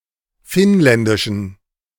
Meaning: inflection of finnländisch: 1. strong genitive masculine/neuter singular 2. weak/mixed genitive/dative all-gender singular 3. strong/weak/mixed accusative masculine singular 4. strong dative plural
- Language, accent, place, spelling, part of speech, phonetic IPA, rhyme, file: German, Germany, Berlin, finnländischen, adjective, [ˈfɪnˌlɛndɪʃn̩], -ɪnlɛndɪʃn̩, De-finnländischen.ogg